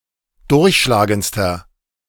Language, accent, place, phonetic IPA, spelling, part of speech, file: German, Germany, Berlin, [ˈdʊʁçʃlaːɡənt͡stɐ], durchschlagendster, adjective, De-durchschlagendster.ogg
- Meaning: inflection of durchschlagend: 1. strong/mixed nominative masculine singular superlative degree 2. strong genitive/dative feminine singular superlative degree